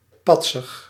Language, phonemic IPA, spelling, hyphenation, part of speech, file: Dutch, /ˈpɑtsərs/, patsers, pat‧sers, noun, Nl-patsers.ogg
- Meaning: plural of patser